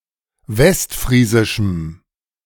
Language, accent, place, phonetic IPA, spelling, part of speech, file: German, Germany, Berlin, [ˈvɛstˌfʁiːzɪʃm̩], westfriesischem, adjective, De-westfriesischem.ogg
- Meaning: strong dative masculine/neuter singular of westfriesisch